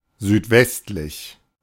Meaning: southwestern
- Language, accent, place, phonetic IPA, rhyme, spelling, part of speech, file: German, Germany, Berlin, [zyːtˈvɛstlɪç], -ɛstlɪç, südwestlich, adjective, De-südwestlich.ogg